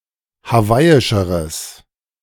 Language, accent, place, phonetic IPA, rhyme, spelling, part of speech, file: German, Germany, Berlin, [haˈvaɪ̯ɪʃəʁəs], -aɪ̯ɪʃəʁəs, hawaiischeres, adjective, De-hawaiischeres.ogg
- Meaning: strong/mixed nominative/accusative neuter singular comparative degree of hawaiisch